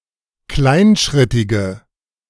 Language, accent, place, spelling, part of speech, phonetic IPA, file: German, Germany, Berlin, kleinschrittige, adjective, [ˈklaɪ̯nˌʃʁɪtɪɡə], De-kleinschrittige.ogg
- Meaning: inflection of kleinschrittig: 1. strong/mixed nominative/accusative feminine singular 2. strong nominative/accusative plural 3. weak nominative all-gender singular